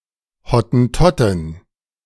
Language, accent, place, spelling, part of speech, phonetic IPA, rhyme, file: German, Germany, Berlin, Hottentottin, noun, [hɔtn̩ˈtɔtɪn], -ɔtɪn, De-Hottentottin.ogg
- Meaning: a female Hottentot